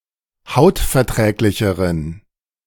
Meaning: inflection of hautverträglich: 1. strong genitive masculine/neuter singular comparative degree 2. weak/mixed genitive/dative all-gender singular comparative degree
- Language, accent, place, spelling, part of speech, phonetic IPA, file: German, Germany, Berlin, hautverträglicheren, adjective, [ˈhaʊ̯tfɛɐ̯ˌtʁɛːklɪçəʁən], De-hautverträglicheren.ogg